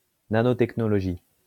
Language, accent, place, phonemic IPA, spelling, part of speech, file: French, France, Lyon, /na.nɔ.tɛk.nɔ.lɔ.ʒi/, nanotechnologie, noun, LL-Q150 (fra)-nanotechnologie.wav
- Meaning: nanotechnology